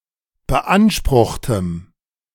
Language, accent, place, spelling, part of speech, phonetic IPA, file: German, Germany, Berlin, beanspruchtem, adjective, [bəˈʔanʃpʁʊxtəm], De-beanspruchtem.ogg
- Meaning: strong dative masculine/neuter singular of beansprucht